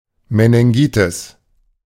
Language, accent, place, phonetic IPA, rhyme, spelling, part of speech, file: German, Germany, Berlin, [menɪŋˈɡiːtɪs], -iːtɪs, Meningitis, noun, De-Meningitis.ogg
- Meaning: meningitis